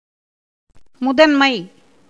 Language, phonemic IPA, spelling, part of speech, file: Tamil, /mʊd̪ɐnmɐɪ̯/, முதன்மை, noun, Ta-முதன்மை.ogg
- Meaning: superiority, supremacy, priority